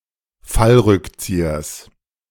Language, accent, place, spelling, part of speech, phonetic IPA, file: German, Germany, Berlin, Fallrückziehers, noun, [ˈfalˌʁʏkt͡siːɐs], De-Fallrückziehers.ogg
- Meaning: genitive singular of Fallrückzieher